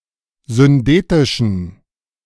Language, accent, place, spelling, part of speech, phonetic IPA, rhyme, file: German, Germany, Berlin, syndetischen, adjective, [zʏnˈdeːtɪʃn̩], -eːtɪʃn̩, De-syndetischen.ogg
- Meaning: inflection of syndetisch: 1. strong genitive masculine/neuter singular 2. weak/mixed genitive/dative all-gender singular 3. strong/weak/mixed accusative masculine singular 4. strong dative plural